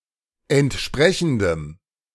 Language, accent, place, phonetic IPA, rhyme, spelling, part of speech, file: German, Germany, Berlin, [ɛntˈʃpʁɛçn̩dəm], -ɛçn̩dəm, entsprechendem, adjective, De-entsprechendem.ogg
- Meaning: strong dative masculine/neuter singular of entsprechend